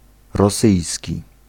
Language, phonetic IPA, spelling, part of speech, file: Polish, [rɔˈsɨjsʲci], rosyjski, adjective / noun, Pl-rosyjski.ogg